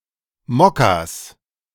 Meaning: plural of Mokka
- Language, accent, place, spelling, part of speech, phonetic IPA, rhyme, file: German, Germany, Berlin, Mokkas, noun, [ˈmɔkas], -ɔkas, De-Mokkas.ogg